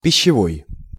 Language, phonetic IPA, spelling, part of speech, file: Russian, [pʲɪɕːɪˈvoj], пищевой, adjective, Ru-пищевой.ogg
- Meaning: food; alimentary, nutritional